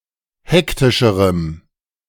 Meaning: strong dative masculine/neuter singular comparative degree of hektisch
- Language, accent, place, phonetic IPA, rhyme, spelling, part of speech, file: German, Germany, Berlin, [ˈhɛktɪʃəʁəm], -ɛktɪʃəʁəm, hektischerem, adjective, De-hektischerem.ogg